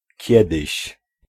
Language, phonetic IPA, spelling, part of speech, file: Polish, [ˈcɛdɨɕ], kiedyś, pronoun, Pl-kiedyś.ogg